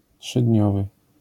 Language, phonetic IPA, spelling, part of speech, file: Polish, [ṭʃɨdʲˈɲɔvɨ], trzydniowy, adjective, LL-Q809 (pol)-trzydniowy.wav